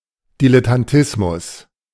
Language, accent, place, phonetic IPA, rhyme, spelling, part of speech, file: German, Germany, Berlin, [ˌdilɛtanˈtɪsmʊs], -ɪsmʊs, Dilettantismus, noun, De-Dilettantismus.ogg
- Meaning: dilettantism